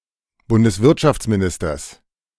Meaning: genitive singular of Bundeswirtschaftsminister
- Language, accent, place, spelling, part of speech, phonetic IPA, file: German, Germany, Berlin, Bundeswirtschaftsministers, noun, [ˌbʊndəsˈvɪʁtʃaft͡smiˌnɪstɐs], De-Bundeswirtschaftsministers.ogg